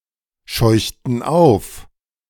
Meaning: inflection of aufscheuchen: 1. first/third-person plural preterite 2. first/third-person plural subjunctive II
- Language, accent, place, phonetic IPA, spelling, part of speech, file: German, Germany, Berlin, [ˌʃɔɪ̯çtn̩ ˈaʊ̯f], scheuchten auf, verb, De-scheuchten auf.ogg